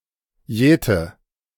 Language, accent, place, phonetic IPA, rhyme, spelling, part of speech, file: German, Germany, Berlin, [ˈjɛːtə], -ɛːtə, jäte, verb, De-jäte.ogg
- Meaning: inflection of jäten: 1. first-person singular present 2. first/third-person singular subjunctive I 3. singular imperative